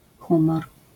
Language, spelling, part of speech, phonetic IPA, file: Polish, humor, noun, [ˈxũmɔr], LL-Q809 (pol)-humor.wav